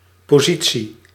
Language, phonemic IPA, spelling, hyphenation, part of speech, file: Dutch, /ˌpoːˈzi.(t)si/, positie, po‧si‧tie, noun, Nl-positie.ogg
- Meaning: 1. position, posture 2. position 3. post (e.g., of employment), position, rank 4. the state of pregnancy